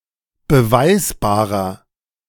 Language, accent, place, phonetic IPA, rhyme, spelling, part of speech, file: German, Germany, Berlin, [bəˈvaɪ̯sbaːʁɐ], -aɪ̯sbaːʁɐ, beweisbarer, adjective, De-beweisbarer.ogg
- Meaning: 1. comparative degree of beweisbar 2. inflection of beweisbar: strong/mixed nominative masculine singular 3. inflection of beweisbar: strong genitive/dative feminine singular